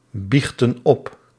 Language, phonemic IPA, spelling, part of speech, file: Dutch, /ˈbixtə(n) ˈɔp/, biechten op, verb, Nl-biechten op.ogg
- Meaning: inflection of opbiechten: 1. plural present indicative 2. plural present subjunctive